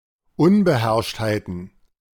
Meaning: plural of Unbeherrschtheit
- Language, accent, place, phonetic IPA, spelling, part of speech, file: German, Germany, Berlin, [ˈʊnbəˌhɛʁʃthaɪ̯tn̩], Unbeherrschtheiten, noun, De-Unbeherrschtheiten.ogg